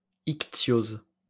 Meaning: ichthyosis
- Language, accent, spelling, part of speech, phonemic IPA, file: French, France, ichtyose, noun, /ik.tjoz/, LL-Q150 (fra)-ichtyose.wav